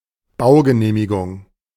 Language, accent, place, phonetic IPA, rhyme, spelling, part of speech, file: German, Germany, Berlin, [ˈbaʊ̯ɡəˌneːmɪɡʊŋ], -aʊ̯ɡəneːmɪɡʊŋ, Baugenehmigung, noun, De-Baugenehmigung.ogg
- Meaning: planning permission, building permit